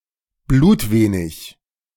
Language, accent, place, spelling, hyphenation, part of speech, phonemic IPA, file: German, Germany, Berlin, blutwenig, blut‧we‧nig, adjective, /ˈbluːtˌveːnɪç/, De-blutwenig.ogg
- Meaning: very little